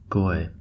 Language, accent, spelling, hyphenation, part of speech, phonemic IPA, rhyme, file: English, US, goy, goy, noun, /ɡɔɪ/, -ɔɪ, En-us-goy.ogg
- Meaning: 1. A non-Jew; a gentile 2. Synonym of shabbos goy (“a gentile thought to be subservient to Jewish people”) 3. A mindless consumer of low-quality entertainment and products ("goyslop"); a consoomer